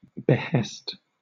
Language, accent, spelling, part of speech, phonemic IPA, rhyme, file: English, Southern England, behest, noun / verb, /bɪˈhɛst/, -ɛst, LL-Q1860 (eng)-behest.wav
- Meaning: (noun) 1. A command, bidding; sometimes also, an authoritative request; now usually in the phrase at the behest of and at one's behest 2. A vow; a promise; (verb) To promise; vow